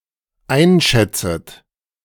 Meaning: second-person plural dependent subjunctive I of einschätzen
- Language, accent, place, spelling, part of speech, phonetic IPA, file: German, Germany, Berlin, einschätzet, verb, [ˈaɪ̯nˌʃɛt͡sət], De-einschätzet.ogg